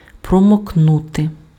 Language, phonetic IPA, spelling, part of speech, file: Ukrainian, [prɔmokˈnute], промокнути, verb, Uk-промокнути.ogg
- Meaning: to dab dry, to blot (deprive of moisture by means of contact with absorbent material)